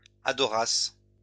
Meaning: second-person singular imperfect subjunctive of adorer
- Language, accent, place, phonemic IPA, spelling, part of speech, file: French, France, Lyon, /a.dɔ.ʁas/, adorasses, verb, LL-Q150 (fra)-adorasses.wav